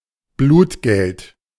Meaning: blood money, wergeld, diyya
- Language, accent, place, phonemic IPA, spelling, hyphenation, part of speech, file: German, Germany, Berlin, /ˈbluːtˌɡɛlt/, Blutgeld, Blut‧geld, noun, De-Blutgeld.ogg